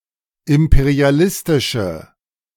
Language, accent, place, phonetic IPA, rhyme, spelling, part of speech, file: German, Germany, Berlin, [ˌɪmpeʁiaˈlɪstɪʃə], -ɪstɪʃə, imperialistische, adjective, De-imperialistische.ogg
- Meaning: inflection of imperialistisch: 1. strong/mixed nominative/accusative feminine singular 2. strong nominative/accusative plural 3. weak nominative all-gender singular